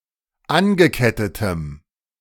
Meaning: strong dative masculine/neuter singular of angekettet
- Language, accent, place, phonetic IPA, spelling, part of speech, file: German, Germany, Berlin, [ˈanɡəˌkɛtətəm], angekettetem, adjective, De-angekettetem.ogg